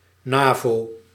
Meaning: acronym of Noord-Atlantische Verdragsorganisatie (“NATO”)
- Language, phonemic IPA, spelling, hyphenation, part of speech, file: Dutch, /ˈnaː.voː/, NAVO, NAVO, proper noun, Nl-NAVO.ogg